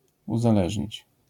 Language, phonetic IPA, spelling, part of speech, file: Polish, [ˌuzaˈlɛʒʲɲit͡ɕ], uzależnić, verb, LL-Q809 (pol)-uzależnić.wav